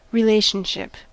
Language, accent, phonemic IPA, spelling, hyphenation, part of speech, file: English, General American, /ɹɪˈleɪʃ(ə)nˌʃɪp/, relationship, re‧lat‧ion‧ship, noun, En-us-relationship.ogg
- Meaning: 1. A connection or association; the condition of being related 2. The links between the x-values and y-values of ordered pairs of numbers especially coordinates